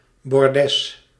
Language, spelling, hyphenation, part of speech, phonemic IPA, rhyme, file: Dutch, bordes, bor‧des, noun, /bɔrˈdɛs/, -ɛs, Nl-bordes.ogg
- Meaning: 1. a raised platform, often with a flight of steps, that lead into a building 2. an intermediate platform between flights of stairs, which normally involves a change in direction; a landing